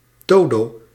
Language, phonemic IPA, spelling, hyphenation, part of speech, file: Dutch, /ˈdoːdoː/, dodo, do‧do, noun, Nl-dodo.ogg
- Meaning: 1. dodo, †Raphus cucullatus 2. sleep, nighty night